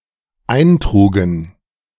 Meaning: first/third-person plural dependent preterite of eintragen
- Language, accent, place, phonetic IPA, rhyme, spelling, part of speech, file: German, Germany, Berlin, [ˈaɪ̯nˌtʁuːɡn̩], -aɪ̯ntʁuːɡn̩, eintrugen, verb, De-eintrugen.ogg